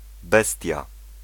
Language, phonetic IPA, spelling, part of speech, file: Polish, [ˈbɛstʲja], bestia, noun, Pl-bestia.ogg